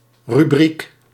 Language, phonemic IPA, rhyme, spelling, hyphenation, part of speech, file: Dutch, /ryˈbrik/, -ik, rubriek, ru‧briek, noun, Nl-rubriek.ogg
- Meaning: 1. rubric, header 2. a title, header or written character, in particular one written in red 3. red pigment